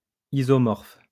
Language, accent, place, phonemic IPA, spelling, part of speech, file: French, France, Lyon, /i.zɔ.mɔʁf/, isomorphe, adjective, LL-Q150 (fra)-isomorphe.wav
- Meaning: isomorphic